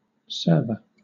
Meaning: 1. A program that provides services to other programs or devices, either in the same computer or over a computer network 2. A computer dedicated to running such programs
- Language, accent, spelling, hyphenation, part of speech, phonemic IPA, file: English, Southern England, server, serv‧er, noun, /ˈsɜːvə/, LL-Q1860 (eng)-server.wav